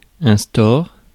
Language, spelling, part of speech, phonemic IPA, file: French, store, noun, /stɔʁ/, Fr-store.ogg
- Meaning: blind, shade (for a window)